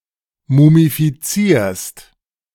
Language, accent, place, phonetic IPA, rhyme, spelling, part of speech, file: German, Germany, Berlin, [mumifiˈt͡siːɐ̯st], -iːɐ̯st, mumifizierst, verb, De-mumifizierst.ogg
- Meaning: second-person singular present of mumifizieren